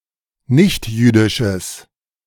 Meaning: strong/mixed nominative/accusative neuter singular of nichtjüdisch
- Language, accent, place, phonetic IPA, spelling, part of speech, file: German, Germany, Berlin, [ˈnɪçtˌjyːdɪʃəs], nichtjüdisches, adjective, De-nichtjüdisches.ogg